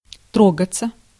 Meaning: 1. to start (for), to get moving, to be off 2. to go nuts 3. to be touched, to be moved (emotionally) 4. passive of тро́гать (trógatʹ)
- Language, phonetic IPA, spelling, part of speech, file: Russian, [ˈtroɡət͡sə], трогаться, verb, Ru-трогаться.ogg